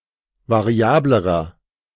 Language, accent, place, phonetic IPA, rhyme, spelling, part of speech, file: German, Germany, Berlin, [vaˈʁi̯aːbləʁɐ], -aːbləʁɐ, variablerer, adjective, De-variablerer.ogg
- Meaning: inflection of variabel: 1. strong/mixed nominative masculine singular comparative degree 2. strong genitive/dative feminine singular comparative degree 3. strong genitive plural comparative degree